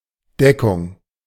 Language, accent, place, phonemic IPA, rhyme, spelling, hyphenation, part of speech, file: German, Germany, Berlin, /ˈdɛkʊŋ/, -ɛkʊŋ, Deckung, De‧ckung, noun, De-Deckung.ogg
- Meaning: 1. cover 2. coverage